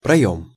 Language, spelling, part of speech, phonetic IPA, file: Russian, проём, noun, [prɐˈjɵm], Ru-проём.ogg
- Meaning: opening, aperture (in a wall, e.g. for a door or window)